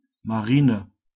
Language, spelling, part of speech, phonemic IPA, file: German, Marine, noun, /maˈʁiːnə/, De-Marine.ogg
- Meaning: navy